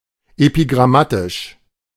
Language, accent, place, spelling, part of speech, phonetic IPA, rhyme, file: German, Germany, Berlin, epigrammatisch, adjective, [epiɡʁaˈmatɪʃ], -atɪʃ, De-epigrammatisch.ogg
- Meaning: epigrammatic